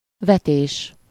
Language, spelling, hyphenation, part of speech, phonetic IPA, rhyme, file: Hungarian, vetés, ve‧tés, noun, [ˈvɛteːʃ], -eːʃ, Hu-vetés.ogg
- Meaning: 1. verbal noun of vet: sowing (the act or process of sowing) 2. verbal noun of vet: throw, throwing, cast, casting 3. crop